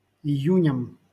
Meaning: dative plural of ию́нь (ijúnʹ)
- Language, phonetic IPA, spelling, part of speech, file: Russian, [ɪˈjʉnʲəm], июням, noun, LL-Q7737 (rus)-июням.wav